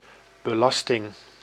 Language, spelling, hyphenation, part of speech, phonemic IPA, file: Dutch, belasting, be‧las‧ting, noun, /bəˈlɑs.tɪŋ/, Nl-belasting.ogg
- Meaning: 1. strain, burden, load 2. tax, taxation 3. load